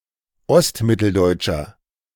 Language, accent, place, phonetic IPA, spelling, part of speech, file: German, Germany, Berlin, [ˈɔstˌmɪtl̩dɔɪ̯t͡ʃɐ], ostmitteldeutscher, adjective, De-ostmitteldeutscher.ogg
- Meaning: inflection of ostmitteldeutsch: 1. strong/mixed nominative masculine singular 2. strong genitive/dative feminine singular 3. strong genitive plural